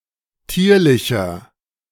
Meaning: inflection of tierlich: 1. strong/mixed nominative masculine singular 2. strong genitive/dative feminine singular 3. strong genitive plural
- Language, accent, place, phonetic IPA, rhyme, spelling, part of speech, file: German, Germany, Berlin, [ˈtiːɐ̯lɪçɐ], -iːɐ̯lɪçɐ, tierlicher, adjective, De-tierlicher.ogg